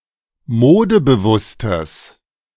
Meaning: strong/mixed nominative/accusative neuter singular of modebewusst
- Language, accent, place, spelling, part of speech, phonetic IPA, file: German, Germany, Berlin, modebewusstes, adjective, [ˈmoːdəbəˌvʊstəs], De-modebewusstes.ogg